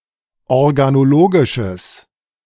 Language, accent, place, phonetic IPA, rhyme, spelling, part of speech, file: German, Germany, Berlin, [ɔʁɡanoˈloːɡɪʃəs], -oːɡɪʃəs, organologisches, adjective, De-organologisches.ogg
- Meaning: strong/mixed nominative/accusative neuter singular of organologisch